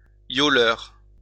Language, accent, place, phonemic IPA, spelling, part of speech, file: French, France, Lyon, /jɔ.lœʁ/, yoleur, noun, LL-Q150 (fra)-yoleur.wav
- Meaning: a person who sails a yawl